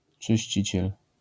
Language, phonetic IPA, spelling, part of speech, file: Polish, [t͡ʃɨɕˈt͡ɕit͡ɕɛl], czyściciel, noun, LL-Q809 (pol)-czyściciel.wav